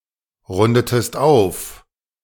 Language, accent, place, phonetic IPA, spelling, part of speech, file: German, Germany, Berlin, [ˌʁʊndətəst ˈaʊ̯f], rundetest auf, verb, De-rundetest auf.ogg
- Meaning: inflection of aufrunden: 1. second-person singular preterite 2. second-person singular subjunctive II